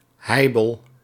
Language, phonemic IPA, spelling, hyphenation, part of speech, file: Dutch, /ˈhɛibəl/, heibel, hei‧bel, noun, Nl-heibel.ogg
- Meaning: 1. row, quarrel 2. uproar, commotion